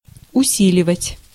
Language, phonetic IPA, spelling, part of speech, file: Russian, [ʊˈsʲilʲɪvətʲ], усиливать, verb, Ru-усиливать.ogg
- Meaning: to strengthen, to reinforce, to amplify